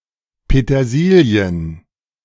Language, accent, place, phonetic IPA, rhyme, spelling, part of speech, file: German, Germany, Berlin, [petɐˈziːli̯ən], -iːli̯ən, Petersilien, noun, De-Petersilien.ogg
- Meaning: plural of Petersilie